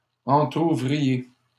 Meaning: inflection of entrouvrir: 1. second-person plural imperfect indicative 2. second-person plural present subjunctive
- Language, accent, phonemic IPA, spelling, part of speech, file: French, Canada, /ɑ̃.tʁu.vʁi.je/, entrouvriez, verb, LL-Q150 (fra)-entrouvriez.wav